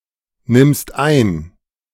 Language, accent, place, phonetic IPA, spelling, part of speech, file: German, Germany, Berlin, [ˌnɪmst ˈaɪ̯n], nimmst ein, verb, De-nimmst ein.ogg
- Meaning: second-person singular present of einnehmen